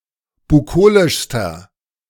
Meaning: inflection of bukolisch: 1. strong/mixed nominative masculine singular superlative degree 2. strong genitive/dative feminine singular superlative degree 3. strong genitive plural superlative degree
- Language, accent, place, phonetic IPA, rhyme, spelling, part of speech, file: German, Germany, Berlin, [buˈkoːlɪʃstɐ], -oːlɪʃstɐ, bukolischster, adjective, De-bukolischster.ogg